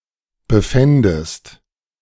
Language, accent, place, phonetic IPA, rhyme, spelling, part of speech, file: German, Germany, Berlin, [bəˈfɛndəst], -ɛndəst, befändest, verb, De-befändest.ogg
- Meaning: second-person singular subjunctive II of befinden